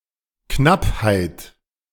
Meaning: scarcity, shortage
- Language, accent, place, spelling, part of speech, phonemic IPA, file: German, Germany, Berlin, Knappheit, noun, /ˈknaphaɪ̯t/, De-Knappheit.ogg